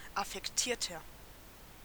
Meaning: 1. comparative degree of affektiert 2. inflection of affektiert: strong/mixed nominative masculine singular 3. inflection of affektiert: strong genitive/dative feminine singular
- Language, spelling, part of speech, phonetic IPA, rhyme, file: German, affektierter, adjective, [afɛkˈtiːɐ̯tɐ], -iːɐ̯tɐ, De-affektierter.ogg